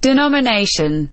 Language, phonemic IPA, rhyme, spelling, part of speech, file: English, /dɪˌnɒmɪˈneɪʃən/, -eɪʃən, denomination, noun, En-denomination.oga
- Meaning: 1. The act of naming or designating 2. That by which anything is denominated or styled; an epithet; a name, designation, or title; especially, a general name indicating a class of like individuals